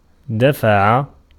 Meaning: 1. to pay 2. to push, to push away, to drive away 3. to push, to drive, to prompt
- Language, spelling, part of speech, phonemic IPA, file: Arabic, دفع, verb, /da.fa.ʕa/, Ar-دفع.ogg